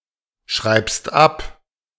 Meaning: second-person singular present of abschreiben
- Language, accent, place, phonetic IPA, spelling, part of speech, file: German, Germany, Berlin, [ˌʃʁaɪ̯pst ˈap], schreibst ab, verb, De-schreibst ab.ogg